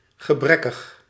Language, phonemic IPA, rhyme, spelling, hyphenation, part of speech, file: Dutch, /ɣəˈbrɛ.kəx/, -ɛkəx, gebrekkig, ge‧brek‧kig, adjective, Nl-gebrekkig.ogg
- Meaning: deficient, lacking, inadequate, faulty